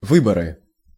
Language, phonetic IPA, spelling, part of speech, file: Russian, [ˈvɨbərɨ], выборы, noun, Ru-выборы.ogg
- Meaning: 1. election 2. nominative/accusative plural of вы́бор (výbor)